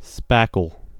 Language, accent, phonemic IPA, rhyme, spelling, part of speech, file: English, US, /ˈspæk.əl/, -ækəl, spackle, noun / verb, En-us-spackle.ogg
- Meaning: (noun) Any powder (originally containing gypsum plaster and glue) that when mixed with water forms a plastic paste, which is used to fill cracks and holes in plaster